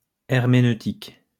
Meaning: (adjective) hermeneutical; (noun) hermeneutics
- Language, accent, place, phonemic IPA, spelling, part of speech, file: French, France, Lyon, /ɛʁ.me.nø.tik/, herméneutique, adjective / noun, LL-Q150 (fra)-herméneutique.wav